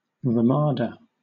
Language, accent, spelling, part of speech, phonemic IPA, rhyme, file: English, Southern England, ramada, noun, /ɹəˈmɑːdə/, -ɑːdə, LL-Q1860 (eng)-ramada.wav
- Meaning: A simple arbour or open porch, typically roofed with branches